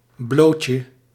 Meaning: 1. the bare, a state of total nudity 2. an embarrassing state of exposure, as to ridicule or criticism
- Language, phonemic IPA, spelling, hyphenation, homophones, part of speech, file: Dutch, /ˈbloːt.jə/, blootje, bloot‧je, blowtje, noun, Nl-blootje.ogg